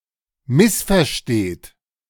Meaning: inflection of missverstehen: 1. third-person singular present 2. second-person plural present 3. plural imperative
- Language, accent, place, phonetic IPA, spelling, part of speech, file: German, Germany, Berlin, [ˈmɪsfɛɐ̯ˌʃteːt], missversteht, verb, De-missversteht.ogg